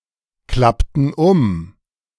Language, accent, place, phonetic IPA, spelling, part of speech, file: German, Germany, Berlin, [ˌklaptn̩ ˈʊm], klappten um, verb, De-klappten um.ogg
- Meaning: inflection of umklappen: 1. first/third-person plural preterite 2. first/third-person plural subjunctive II